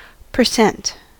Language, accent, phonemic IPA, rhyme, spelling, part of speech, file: English, US, /pɚˈsɛnt/, -ɛnt, percent, adverb / noun / prepositional phrase, En-us-percent.ogg
- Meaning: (adverb) For every hundred (used with preceding numeral to form a noun phrase expressing a proportion); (noun) A percentage, a proportion (especially per hundred)